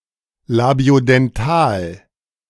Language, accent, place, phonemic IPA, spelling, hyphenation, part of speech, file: German, Germany, Berlin, /labi̯odɛnˈtaːl/, Labiodental, La‧bio‧den‧tal, noun, De-Labiodental.ogg
- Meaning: labiodental